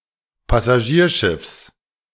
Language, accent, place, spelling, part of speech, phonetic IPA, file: German, Germany, Berlin, Passagierschiffs, noun, [pasaˈʒiːɐ̯ˌʃɪfs], De-Passagierschiffs.ogg
- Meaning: genitive singular of Passagierschiff